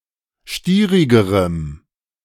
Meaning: strong dative masculine/neuter singular comparative degree of stierig
- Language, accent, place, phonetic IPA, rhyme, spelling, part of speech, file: German, Germany, Berlin, [ˈʃtiːʁɪɡəʁəm], -iːʁɪɡəʁəm, stierigerem, adjective, De-stierigerem.ogg